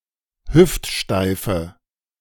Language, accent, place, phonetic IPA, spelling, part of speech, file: German, Germany, Berlin, [ˈhʏftˌʃtaɪ̯fə], hüftsteife, adjective, De-hüftsteife.ogg
- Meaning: inflection of hüftsteif: 1. strong/mixed nominative/accusative feminine singular 2. strong nominative/accusative plural 3. weak nominative all-gender singular